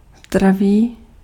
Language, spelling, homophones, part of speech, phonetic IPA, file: Czech, zdravý, zdraví, adjective / phrase, [zdraviː], Cs-zdravý.ogg